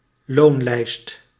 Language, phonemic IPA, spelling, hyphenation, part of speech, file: Dutch, /ˈlonlɛist/, loonlijst, loon‧lijst, noun, Nl-loonlijst.ogg
- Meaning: 1. a wage-sheet, payroll 2. someone's sway, (bought) influence